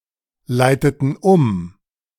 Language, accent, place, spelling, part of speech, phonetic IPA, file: German, Germany, Berlin, leiteten um, verb, [ˌlaɪ̯tətn̩ ˈʊm], De-leiteten um.ogg
- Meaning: inflection of umleiten: 1. first/third-person plural preterite 2. first/third-person plural subjunctive II